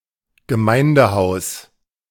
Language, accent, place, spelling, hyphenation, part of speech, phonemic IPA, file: German, Germany, Berlin, Gemeindehaus, Ge‧mein‧de‧haus, noun, /ɡəˈmaɪ̯ndəˌhaʊ̯s/, De-Gemeindehaus.ogg
- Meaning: 1. church hall, parish hall 2. community center, community hall 3. town hall